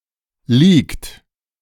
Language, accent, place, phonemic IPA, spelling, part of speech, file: German, Germany, Berlin, /ˈliːkt/, leakt, verb, De-leakt.ogg
- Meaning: inflection of leaken: 1. third-person singular present 2. second-person plural present 3. plural imperative